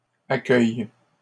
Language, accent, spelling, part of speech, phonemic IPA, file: French, Canada, accueille, verb, /a.kœj/, LL-Q150 (fra)-accueille.wav
- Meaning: inflection of accueillir: 1. first/third-person singular present indicative/subjunctive 2. second-person singular imperative